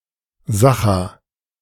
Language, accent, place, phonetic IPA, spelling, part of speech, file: German, Germany, Berlin, [ˈzaxa], Sacha, proper noun, De-Sacha.ogg
- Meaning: Sakha